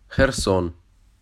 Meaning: Kherson (a city, the administrative center of Kherson Oblast, in southern Ukraine)
- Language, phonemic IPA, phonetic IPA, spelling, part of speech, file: Ukrainian, /xɛrˈsɔn/, [xerˈs̪ɔn̪], Херсон, proper noun, Uk-Херсон.ogg